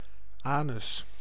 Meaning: anus
- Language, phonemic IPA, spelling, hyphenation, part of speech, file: Dutch, /ˈaː.nʏs/, anus, anus, noun, Nl-anus.ogg